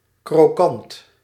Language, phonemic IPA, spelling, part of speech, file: Dutch, /kroːˈkɑnt/, krokant, adjective, Nl-krokant.ogg
- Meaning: crispy, crunchy